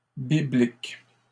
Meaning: plural of biblique
- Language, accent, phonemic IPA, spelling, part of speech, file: French, Canada, /bi.blik/, bibliques, adjective, LL-Q150 (fra)-bibliques.wav